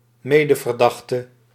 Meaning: a fellow suspect (normally relating to the same case or to related cases)
- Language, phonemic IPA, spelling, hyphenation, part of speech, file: Dutch, /ˈmeː.də.vərˌdɑx.tə/, medeverdachte, me‧de‧ver‧dach‧te, noun, Nl-medeverdachte.ogg